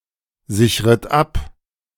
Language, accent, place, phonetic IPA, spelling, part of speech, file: German, Germany, Berlin, [ˌzɪçʁət ˈap], sichret ab, verb, De-sichret ab.ogg
- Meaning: second-person plural subjunctive I of absichern